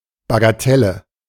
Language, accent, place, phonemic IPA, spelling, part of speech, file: German, Germany, Berlin, /baɡaˈtɛlə/, Bagatelle, noun, De-Bagatelle.ogg
- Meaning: bagatelle